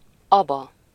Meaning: 1. a male given name 2. a town in Fejér County, Hungary
- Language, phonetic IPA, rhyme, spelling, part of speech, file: Hungarian, [ˈɒbɒ], -bɒ, Aba, proper noun, Hu-Aba.ogg